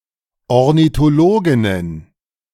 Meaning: plural of Ornithologin
- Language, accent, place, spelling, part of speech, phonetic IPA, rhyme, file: German, Germany, Berlin, Ornithologinnen, noun, [ɔʁnitoˈloːɡɪnən], -oːɡɪnən, De-Ornithologinnen.ogg